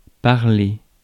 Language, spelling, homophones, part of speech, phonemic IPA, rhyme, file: French, parler, parlai / parlé / parlée / parlées / parlés / parlez, verb / noun, /paʁ.le/, -e, Fr-parler.ogg
- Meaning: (verb) 1. to speak, talk 2. to be able to communicate in a language; to speak 3. to cant; (of a coat of arms) to make a pun of its bearer's name; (noun) 1. parlance 2. vernacular, dialect